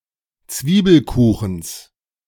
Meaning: genitive singular of Zwiebelkuchen
- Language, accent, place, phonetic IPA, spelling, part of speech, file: German, Germany, Berlin, [ˈt͡sviːbl̩ˌkuːxn̩s], Zwiebelkuchens, noun, De-Zwiebelkuchens.ogg